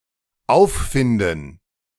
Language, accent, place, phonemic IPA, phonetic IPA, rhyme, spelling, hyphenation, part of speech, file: German, Germany, Berlin, /ˈʔaʊ̯fˌfɪndən/, [ˈʔaʊ̯fˌfɪndn̩], -ɪndn̩, auffinden, auf‧fin‧den, verb, De-auffinden.ogg
- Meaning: to find, to locate, to discover